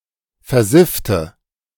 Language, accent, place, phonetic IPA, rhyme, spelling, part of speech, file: German, Germany, Berlin, [fɛɐ̯ˈzɪftə], -ɪftə, versiffte, adjective / verb, De-versiffte.ogg
- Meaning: inflection of versiffen: 1. first/third-person singular preterite 2. first/third-person singular subjunctive II